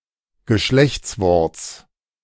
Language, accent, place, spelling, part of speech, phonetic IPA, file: German, Germany, Berlin, Geschlechtsworts, noun, [ɡəˈʃlɛçt͡sˌvɔʁt͡s], De-Geschlechtsworts.ogg
- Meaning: genitive of Geschlechtswort